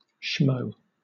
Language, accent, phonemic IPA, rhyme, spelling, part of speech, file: English, Southern England, /ʃməʊ/, -əʊ, schmo, noun, LL-Q1860 (eng)-schmo.wav
- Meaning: 1. A stupid, obnoxious, pathetic, or otherwise contemptible person; a schmuck 2. Any average Joe; any Joe Schmoe